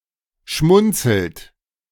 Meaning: inflection of schmunzeln: 1. second-person plural present 2. third-person singular present 3. plural imperative
- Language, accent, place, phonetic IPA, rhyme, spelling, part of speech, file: German, Germany, Berlin, [ˈʃmʊnt͡sl̩t], -ʊnt͡sl̩t, schmunzelt, verb, De-schmunzelt.ogg